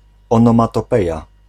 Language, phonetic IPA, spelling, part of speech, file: Polish, [ˌɔ̃nɔ̃matɔˈpɛja], onomatopeja, noun, Pl-onomatopeja.ogg